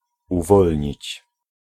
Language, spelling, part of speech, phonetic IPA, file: Polish, uwolnić, verb, [uˈvɔlʲɲit͡ɕ], Pl-uwolnić.ogg